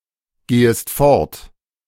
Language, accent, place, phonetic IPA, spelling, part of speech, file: German, Germany, Berlin, [ˌɡeːəst ˈfɔʁt], gehest fort, verb, De-gehest fort.ogg
- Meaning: second-person singular subjunctive I of fortgehen